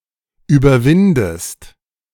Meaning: inflection of überwinden: 1. second-person singular present 2. second-person singular subjunctive I
- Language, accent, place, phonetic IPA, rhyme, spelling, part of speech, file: German, Germany, Berlin, [yːbɐˈvɪndəst], -ɪndəst, überwindest, verb, De-überwindest.ogg